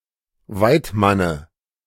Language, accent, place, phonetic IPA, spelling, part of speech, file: German, Germany, Berlin, [ˈvaɪ̯tˌmanə], Weidmanne, noun, De-Weidmanne.ogg
- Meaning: dative of Weidmann